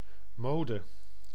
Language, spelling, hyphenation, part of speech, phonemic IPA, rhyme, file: Dutch, mode, mo‧de, noun, /ˈmoː.də/, -oːdə, Nl-mode.ogg
- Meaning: 1. fashion, trend 2. custom, tradition, manner